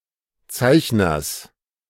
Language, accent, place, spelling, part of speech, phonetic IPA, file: German, Germany, Berlin, Zeichners, noun, [ˈt͡saɪ̯çnɐs], De-Zeichners.ogg
- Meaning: genitive singular of Zeichner